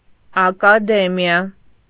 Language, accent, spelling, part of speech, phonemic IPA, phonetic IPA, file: Armenian, Eastern Armenian, ակադեմիա, noun, /ɑkɑˈdemiɑ/, [ɑkɑdémjɑ], Hy-ակադեմիա.ogg
- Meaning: academy